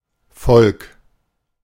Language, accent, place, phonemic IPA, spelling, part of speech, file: German, Germany, Berlin, /fɔlk/, Volk, noun, De-Volk.ogg
- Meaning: 1. people, nation, folk, tribe, race (group united by culture, history, descent, and/or language) 2. people, population, citizens 3. common people, the lower classes, the working classes